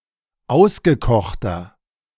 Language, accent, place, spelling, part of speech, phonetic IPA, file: German, Germany, Berlin, ausgekochter, adjective, [ˈaʊ̯sɡəˌkɔxtɐ], De-ausgekochter.ogg
- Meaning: 1. comparative degree of ausgekocht 2. inflection of ausgekocht: strong/mixed nominative masculine singular 3. inflection of ausgekocht: strong genitive/dative feminine singular